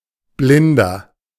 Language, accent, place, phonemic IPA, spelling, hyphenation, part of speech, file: German, Germany, Berlin, /ˈblɪndɐ/, Blinder, Blin‧der, noun, De-Blinder.ogg
- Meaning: blind person (male or of unspecified gender)